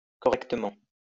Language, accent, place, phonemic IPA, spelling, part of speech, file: French, France, Lyon, /kɔ.ʁɛk.tə.mɑ̃/, correctement, adverb, LL-Q150 (fra)-correctement.wav
- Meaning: correctly (in a correct manner)